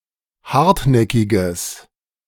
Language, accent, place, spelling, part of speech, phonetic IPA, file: German, Germany, Berlin, hartnäckiges, adjective, [ˈhaʁtˌnɛkɪɡəs], De-hartnäckiges.ogg
- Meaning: strong/mixed nominative/accusative neuter singular of hartnäckig